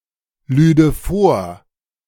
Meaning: first/third-person singular subjunctive II of vorladen
- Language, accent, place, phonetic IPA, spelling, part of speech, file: German, Germany, Berlin, [ˌlyːdə ˈfoːɐ̯], lüde vor, verb, De-lüde vor.ogg